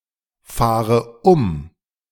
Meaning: inflection of umfahren: 1. first-person singular present 2. first/third-person singular subjunctive I 3. singular imperative
- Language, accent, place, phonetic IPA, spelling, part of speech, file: German, Germany, Berlin, [ˌfaːʁə ˈʊm], fahre um, verb, De-fahre um.ogg